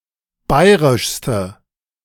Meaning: inflection of bayrisch: 1. strong/mixed nominative/accusative feminine singular superlative degree 2. strong nominative/accusative plural superlative degree
- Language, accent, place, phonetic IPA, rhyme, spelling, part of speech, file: German, Germany, Berlin, [ˈbaɪ̯ʁɪʃstə], -aɪ̯ʁɪʃstə, bayrischste, adjective, De-bayrischste.ogg